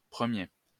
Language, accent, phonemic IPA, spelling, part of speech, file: French, France, /pʁə.mje/, 1er, adjective, LL-Q150 (fra)-1er.wav
- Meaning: abbreviation of premier (“first”): 1st